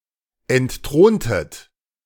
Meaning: inflection of entthronen: 1. second-person plural preterite 2. second-person plural subjunctive II
- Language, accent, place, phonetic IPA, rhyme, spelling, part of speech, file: German, Germany, Berlin, [ɛntˈtʁoːntət], -oːntət, entthrontet, verb, De-entthrontet.ogg